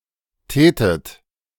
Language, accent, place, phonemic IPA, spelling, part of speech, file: German, Germany, Berlin, /ˈtɛːtət/, tätet, verb, De-tätet.ogg
- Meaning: second-person plural subjunctive II of tun